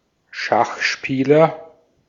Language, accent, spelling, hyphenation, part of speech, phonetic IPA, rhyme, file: German, Austria, Schachspieler, Schach‧spie‧ler, noun, [ˈʃaχˌʃpiːlɐ], -iːlɐ, De-at-Schachspieler.ogg
- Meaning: chess player, chesser (male or of unspecified sex)